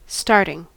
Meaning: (verb) present participle and gerund of start; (noun) The act of something that starts
- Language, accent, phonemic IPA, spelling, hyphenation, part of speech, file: English, US, /ˈstɑɹtɪŋ/, starting, start‧ing, verb / noun, En-us-starting.ogg